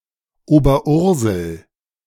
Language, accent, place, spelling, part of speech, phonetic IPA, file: German, Germany, Berlin, Oberursel, proper noun, [oːbɐˈʔʊʁzl̩], De-Oberursel.ogg
- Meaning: a town near Frankfurt in Hesse, Germany